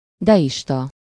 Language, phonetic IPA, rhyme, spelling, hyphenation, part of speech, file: Hungarian, [ˈdɛjiʃtɒ], -tɒ, deista, de‧is‧ta, adjective / noun, Hu-deista.ogg
- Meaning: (adjective) deist, deistic, deistical (of or relating to deism); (noun) deist (a person who believes in deism)